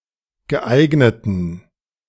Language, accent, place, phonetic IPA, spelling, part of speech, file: German, Germany, Berlin, [ɡəˈʔaɪ̯ɡnətn̩], geeigneten, adjective, De-geeigneten.ogg
- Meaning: inflection of geeignet: 1. strong genitive masculine/neuter singular 2. weak/mixed genitive/dative all-gender singular 3. strong/weak/mixed accusative masculine singular 4. strong dative plural